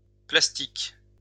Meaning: plural of plastique
- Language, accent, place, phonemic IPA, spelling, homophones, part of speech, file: French, France, Lyon, /plas.tik/, plastiques, plastique, adjective, LL-Q150 (fra)-plastiques.wav